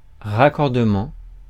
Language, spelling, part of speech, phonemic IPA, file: French, raccordement, noun, /ʁa.kɔʁ.də.mɑ̃/, Fr-raccordement.ogg
- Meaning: act of linking, act of joining